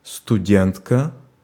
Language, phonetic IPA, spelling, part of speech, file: Russian, [stʊˈdʲentkə], студентка, noun, Ru-студентка.ogg
- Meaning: female equivalent of студе́нт (studént): female student (in a university or college)